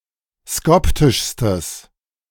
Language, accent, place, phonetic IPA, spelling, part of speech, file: German, Germany, Berlin, [ˈskɔptɪʃstəs], skoptischstes, adjective, De-skoptischstes.ogg
- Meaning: strong/mixed nominative/accusative neuter singular superlative degree of skoptisch